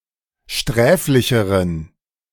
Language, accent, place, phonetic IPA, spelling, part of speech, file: German, Germany, Berlin, [ˈʃtʁɛːflɪçəʁən], sträflicheren, adjective, De-sträflicheren.ogg
- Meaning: inflection of sträflich: 1. strong genitive masculine/neuter singular comparative degree 2. weak/mixed genitive/dative all-gender singular comparative degree